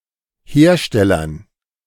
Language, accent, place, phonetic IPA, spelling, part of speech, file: German, Germany, Berlin, [ˈheːɐ̯ˌʃtɛlɐn], Herstellern, noun, De-Herstellern.ogg
- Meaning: dative plural of Hersteller